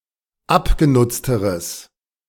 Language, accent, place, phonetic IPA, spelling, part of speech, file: German, Germany, Berlin, [ˈapɡeˌnʊt͡stəʁəs], abgenutzteres, adjective, De-abgenutzteres.ogg
- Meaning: strong/mixed nominative/accusative neuter singular comparative degree of abgenutzt